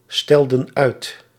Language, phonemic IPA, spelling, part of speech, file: Dutch, /ˈstɛldə(n) ˈœyt/, stelden uit, verb, Nl-stelden uit.ogg
- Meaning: inflection of uitstellen: 1. plural past indicative 2. plural past subjunctive